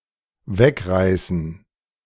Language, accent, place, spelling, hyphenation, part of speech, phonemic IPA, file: German, Germany, Berlin, wegreißen, weg‧rei‧ßen, verb, /ˈvɛkˌʁaɪ̯sn̩/, De-wegreißen.ogg
- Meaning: to tear away